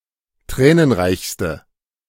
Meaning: inflection of tränenreich: 1. strong/mixed nominative/accusative feminine singular superlative degree 2. strong nominative/accusative plural superlative degree
- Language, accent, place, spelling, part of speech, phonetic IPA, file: German, Germany, Berlin, tränenreichste, adjective, [ˈtʁɛːnənˌʁaɪ̯çstə], De-tränenreichste.ogg